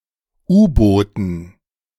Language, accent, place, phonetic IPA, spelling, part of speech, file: German, Germany, Berlin, [ˈuːboːtn̩], U-Booten, noun, De-U-Booten.ogg
- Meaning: dative plural of U-Boot